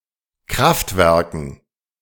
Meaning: dative plural of Kraftwerk
- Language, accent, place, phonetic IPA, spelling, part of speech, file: German, Germany, Berlin, [ˈkʁaftˌvɛʁkn̩], Kraftwerken, noun, De-Kraftwerken.ogg